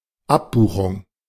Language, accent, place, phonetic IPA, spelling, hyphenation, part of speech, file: German, Germany, Berlin, [ˈapˌbuːxʊŋ], Abbuchung, Ab‧bu‧chung, noun, De-Abbuchung.ogg
- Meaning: 1. debit, direct debit, debiting (procedure) 2. debit amount